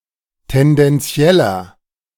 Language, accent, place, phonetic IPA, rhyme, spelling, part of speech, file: German, Germany, Berlin, [tɛndɛnˈt͡si̯ɛlɐ], -ɛlɐ, tendenzieller, adjective, De-tendenzieller.ogg
- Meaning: inflection of tendenziell: 1. strong/mixed nominative masculine singular 2. strong genitive/dative feminine singular 3. strong genitive plural